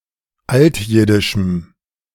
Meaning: strong dative masculine/neuter singular of altjiddisch
- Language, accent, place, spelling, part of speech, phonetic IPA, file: German, Germany, Berlin, altjiddischem, adjective, [ˈaltˌjɪdɪʃm̩], De-altjiddischem.ogg